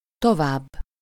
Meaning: 1. further, farther (in distance) 2. comparative degree of sokáig (“for long”): longer (in time)
- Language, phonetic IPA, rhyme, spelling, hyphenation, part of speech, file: Hungarian, [ˈtovaːbː], -aːbː, tovább, to‧vább, adverb, Hu-tovább.ogg